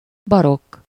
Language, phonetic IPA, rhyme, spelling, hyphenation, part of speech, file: Hungarian, [ˈbɒrokː], -okː, barokk, ba‧rokk, adjective / noun, Hu-barokk.ogg
- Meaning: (adjective) 1. Baroque 2. transitional (of a typeface, exhibiting an increase in the variation of stroke weight compared to oldstyle)